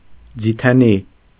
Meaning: olive tree
- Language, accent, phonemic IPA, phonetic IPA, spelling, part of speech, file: Armenian, Eastern Armenian, /d͡zitʰeˈni/, [d͡zitʰení], ձիթենի, noun, Hy-ձիթենի.ogg